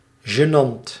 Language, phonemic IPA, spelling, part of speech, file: Dutch, /ʒəˈnɑnt/, gênant, adjective, Nl-gênant.ogg
- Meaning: embarrassing